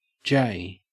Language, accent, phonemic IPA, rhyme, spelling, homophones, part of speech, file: English, Australia, /ˈd͡ʒeɪ/, -eɪ, jay, j / J, noun, En-au-jay.ogg